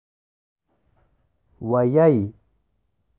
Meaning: a word
- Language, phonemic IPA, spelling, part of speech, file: Pashto, /wəˈjai/, ويی, noun, ويی.ogg